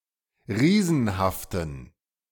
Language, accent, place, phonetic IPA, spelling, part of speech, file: German, Germany, Berlin, [ˈʁiːzn̩haftn̩], riesenhaften, adjective, De-riesenhaften.ogg
- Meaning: inflection of riesenhaft: 1. strong genitive masculine/neuter singular 2. weak/mixed genitive/dative all-gender singular 3. strong/weak/mixed accusative masculine singular 4. strong dative plural